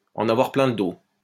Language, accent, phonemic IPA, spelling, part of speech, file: French, France, /ɑ̃.n‿a.vwaʁ plɛ̃ l(ə) do/, en avoir plein le dos, verb, LL-Q150 (fra)-en avoir plein le dos.wav
- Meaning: 1. to be extenuated by or after a hard manual work 2. to be sick to death of, to be fed up to the back teeth with